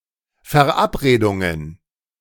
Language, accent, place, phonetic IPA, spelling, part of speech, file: German, Germany, Berlin, [fɛɐ̯ˈʔapʁeːdʊŋən], Verabredungen, noun, De-Verabredungen.ogg
- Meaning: plural of Verabredung